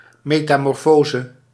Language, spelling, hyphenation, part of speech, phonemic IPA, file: Dutch, metamorfose, me‧ta‧mor‧fo‧se, noun, /ˌmetamɔrˈfozə/, Nl-metamorfose.ogg
- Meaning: 1. metamorphosis, transformation 2. shapeshifting